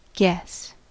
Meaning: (verb) 1. To reach a partly (or totally) unconfirmed conclusion; to engage in conjecture; to speculate 2. To solve by a correct conjecture; to conjecture rightly
- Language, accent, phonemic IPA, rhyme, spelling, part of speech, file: English, US, /ɡɛs/, -ɛs, guess, verb / noun, En-us-guess.ogg